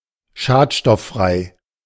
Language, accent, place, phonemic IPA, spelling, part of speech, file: German, Germany, Berlin, /ˈʃaːtʃtɔfˌfʁaɪ̯/, schadstofffrei, adjective, De-schadstofffrei.ogg
- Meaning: pollutant-free